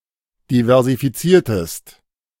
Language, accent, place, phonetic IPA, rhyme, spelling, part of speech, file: German, Germany, Berlin, [divɛʁzifiˈt͡siːɐ̯təst], -iːɐ̯təst, diversifiziertest, verb, De-diversifiziertest.ogg
- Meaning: inflection of diversifizieren: 1. second-person singular preterite 2. second-person singular subjunctive II